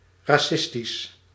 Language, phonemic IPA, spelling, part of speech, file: Dutch, /raˈsɪstis/, racistisch, adjective, Nl-racistisch.ogg
- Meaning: racist